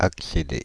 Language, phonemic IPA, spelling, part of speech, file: French, /ak.se.de/, accéder, verb, Fr-accéder.ogg
- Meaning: 1. to reach (a place) 2. to obtain, to achieve, to reach (a goal) 3. to grant (permission) 4. to access (information)